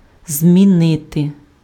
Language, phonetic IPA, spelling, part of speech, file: Ukrainian, [zʲmʲiˈnɪte], змінити, verb, Uk-змінити.ogg
- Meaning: to change, to alter, to modify